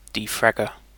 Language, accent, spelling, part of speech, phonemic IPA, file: English, UK, defragger, noun, /diːˈfɹæɡə(ɹ)/, En-uk-defragger.ogg
- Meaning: A defragmenter